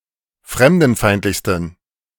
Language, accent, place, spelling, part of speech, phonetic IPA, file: German, Germany, Berlin, fremdenfeindlichsten, adjective, [ˈfʁɛmdn̩ˌfaɪ̯ntlɪçstn̩], De-fremdenfeindlichsten.ogg
- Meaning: 1. superlative degree of fremdenfeindlich 2. inflection of fremdenfeindlich: strong genitive masculine/neuter singular superlative degree